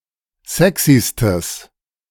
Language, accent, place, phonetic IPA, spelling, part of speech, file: German, Germany, Berlin, [ˈzɛksistəs], sexystes, adjective, De-sexystes.ogg
- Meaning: strong/mixed nominative/accusative neuter singular superlative degree of sexy